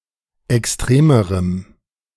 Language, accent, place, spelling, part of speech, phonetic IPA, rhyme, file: German, Germany, Berlin, extremerem, adjective, [ɛksˈtʁeːməʁəm], -eːməʁəm, De-extremerem.ogg
- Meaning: strong dative masculine/neuter singular comparative degree of extrem